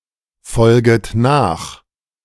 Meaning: second-person plural subjunctive I of nachfolgen
- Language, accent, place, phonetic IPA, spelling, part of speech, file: German, Germany, Berlin, [ˌfɔlɡət ˈnaːx], folget nach, verb, De-folget nach.ogg